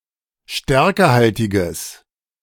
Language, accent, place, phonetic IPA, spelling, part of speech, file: German, Germany, Berlin, [ˈʃtɛʁkəhaltɪɡəs], stärkehaltiges, adjective, De-stärkehaltiges.ogg
- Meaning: strong/mixed nominative/accusative neuter singular of stärkehaltig